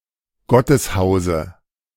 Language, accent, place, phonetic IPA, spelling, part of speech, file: German, Germany, Berlin, [ˈɡɔtəsˌhaʊ̯zə], Gotteshause, noun, De-Gotteshause.ogg
- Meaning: dative singular of Gotteshaus